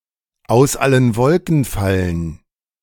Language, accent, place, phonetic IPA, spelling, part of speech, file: German, Germany, Berlin, [aʊ̯s ˈalən ˈvɔlkn̩ ˈfalən], aus allen Wolken fallen, phrase, De-aus allen Wolken fallen.ogg
- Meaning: to be flabbergasted